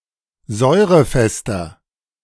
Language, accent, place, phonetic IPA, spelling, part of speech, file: German, Germany, Berlin, [ˈzɔɪ̯ʁəˌfɛstɐ], säurefester, adjective, De-säurefester.ogg
- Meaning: 1. comparative degree of säurefest 2. inflection of säurefest: strong/mixed nominative masculine singular 3. inflection of säurefest: strong genitive/dative feminine singular